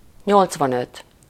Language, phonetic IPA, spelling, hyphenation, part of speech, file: Hungarian, [ˈɲolt͡svɒnøt], nyolcvanöt, nyolc‧van‧öt, numeral, Hu-nyolcvanöt.ogg
- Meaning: eighty-five